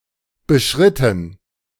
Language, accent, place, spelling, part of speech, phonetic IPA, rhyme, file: German, Germany, Berlin, beschritten, verb, [bəˈʃʁɪtn̩], -ɪtn̩, De-beschritten.ogg
- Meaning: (verb) past participle of beschreiten; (adjective) pursued